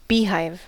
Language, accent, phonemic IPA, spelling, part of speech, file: English, US, /ˈbiːhaɪv/, beehive, noun / verb, En-us-beehive.ogg
- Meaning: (noun) A sheltered place where bees, usually honey bees (genus Apis), live.: Such a home prepared by the bees themselves, in which some species of honey bees live and raise their young